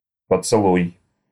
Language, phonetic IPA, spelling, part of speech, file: Russian, [pət͡sɨˈɫuj], поцелуй, noun / verb, Ru-поцелуй.ogg
- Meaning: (noun) 1. kiss 2. kissing sound 3. light contact; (verb) second-person singular imperative perfective of поцелова́ть (pocelovátʹ)